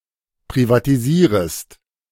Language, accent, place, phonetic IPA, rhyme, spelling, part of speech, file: German, Germany, Berlin, [pʁivatiˈziːʁəst], -iːʁəst, privatisierest, verb, De-privatisierest.ogg
- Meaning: second-person singular subjunctive I of privatisieren